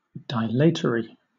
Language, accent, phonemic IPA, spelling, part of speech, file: English, Southern England, /ˈdɪlət(ə)ɹi/, dilatory, adjective, LL-Q1860 (eng)-dilatory.wav
- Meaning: 1. Intentionally delaying (someone or something), intended to cause delay, gain time, or adjourn decision 2. Slow or tardy 3. Relating to dilation; dilative